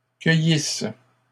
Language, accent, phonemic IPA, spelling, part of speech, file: French, Canada, /kœ.jis/, cueillisses, verb, LL-Q150 (fra)-cueillisses.wav
- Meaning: second-person singular imperfect subjunctive of cueillir